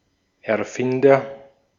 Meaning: inventor (male or of unspecified gender)
- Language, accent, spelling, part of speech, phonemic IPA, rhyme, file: German, Austria, Erfinder, noun, /ɛɐ̯ˈfɪndɐ/, -ɪndɐ, De-at-Erfinder.ogg